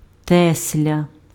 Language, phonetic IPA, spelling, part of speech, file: Ukrainian, [ˈtɛsʲlʲɐ], тесля, noun, Uk-тесля.ogg
- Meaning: 1. carpenter 2. joiner